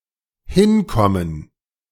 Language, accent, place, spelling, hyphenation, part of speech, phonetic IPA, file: German, Germany, Berlin, hinkommen, hin‧kom‧men, verb, [ˈhɪnˌkɔmən], De-hinkommen.ogg
- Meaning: 1. to go or travel somewhere and arrive (can refer to the journey, the arrival, or both) 2. to arrive at a situation (usually implying some negative condition) 3. to manage, make do